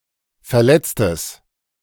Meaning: strong/mixed nominative/accusative neuter singular of verletzt
- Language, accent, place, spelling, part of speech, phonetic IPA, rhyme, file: German, Germany, Berlin, verletztes, adjective, [fɛɐ̯ˈlɛt͡stəs], -ɛt͡stəs, De-verletztes.ogg